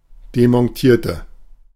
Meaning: inflection of demontieren: 1. first/third-person singular preterite 2. first/third-person singular subjunctive II
- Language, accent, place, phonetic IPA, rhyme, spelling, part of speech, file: German, Germany, Berlin, [demɔnˈtiːɐ̯tə], -iːɐ̯tə, demontierte, adjective / verb, De-demontierte.ogg